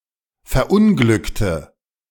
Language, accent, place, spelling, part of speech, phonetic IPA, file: German, Germany, Berlin, verunglückte, adjective / verb, [fɛɐ̯ˈʔʊnɡlʏktə], De-verunglückte.ogg
- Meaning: inflection of verunglücken: 1. first/third-person singular preterite 2. first/third-person singular subjunctive II